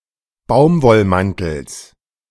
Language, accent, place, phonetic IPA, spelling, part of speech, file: German, Germany, Berlin, [ˈbaʊ̯mvɔlˌmantl̩s], Baumwollmantels, noun, De-Baumwollmantels.ogg
- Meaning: genitive singular of Baumwollmantel